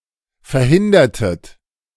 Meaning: inflection of verhindern: 1. second-person plural preterite 2. second-person plural subjunctive II
- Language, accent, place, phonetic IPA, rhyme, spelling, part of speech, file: German, Germany, Berlin, [fɛɐ̯ˈhɪndɐtət], -ɪndɐtət, verhindertet, verb, De-verhindertet.ogg